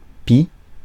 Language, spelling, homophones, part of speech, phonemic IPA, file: French, pis, pi / pie / pies, adverb / noun / conjunction, /pi/, Fr-pis.ogg
- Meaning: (adverb) comparative degree of mal: worse; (noun) udder; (conjunction) and, besides